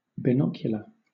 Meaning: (adjective) Using two eyes or viewpoints; especially, using two eyes or viewpoints to ascertain distance; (noun) 1. Attributive form of binoculars 2. A pair of binoculars
- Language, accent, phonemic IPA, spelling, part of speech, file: English, Southern England, /bɪˈnɔkjʊlə/, binocular, adjective / noun, LL-Q1860 (eng)-binocular.wav